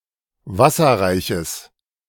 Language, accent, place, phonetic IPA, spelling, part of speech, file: German, Germany, Berlin, [ˈvasɐʁaɪ̯çəs], wasserreiches, adjective, De-wasserreiches.ogg
- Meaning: strong/mixed nominative/accusative neuter singular of wasserreich